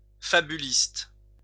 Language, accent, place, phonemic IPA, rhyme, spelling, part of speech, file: French, France, Lyon, /fa.by.list/, -ist, fabuliste, adjective / noun, LL-Q150 (fra)-fabuliste.wav
- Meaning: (adjective) fabulist